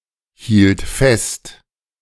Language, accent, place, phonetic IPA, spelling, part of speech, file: German, Germany, Berlin, [ˌhiːlt ˈfɛst], hielt fest, verb, De-hielt fest.ogg
- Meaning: first/third-person singular preterite of festhalten